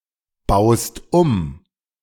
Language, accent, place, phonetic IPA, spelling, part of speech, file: German, Germany, Berlin, [ˌbaʊ̯st ˈum], baust um, verb, De-baust um.ogg
- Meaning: second-person singular present of umbauen